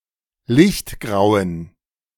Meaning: inflection of lichtgrau: 1. strong genitive masculine/neuter singular 2. weak/mixed genitive/dative all-gender singular 3. strong/weak/mixed accusative masculine singular 4. strong dative plural
- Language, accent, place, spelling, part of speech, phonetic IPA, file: German, Germany, Berlin, lichtgrauen, adjective, [ˈlɪçtˌɡʁaʊ̯ən], De-lichtgrauen.ogg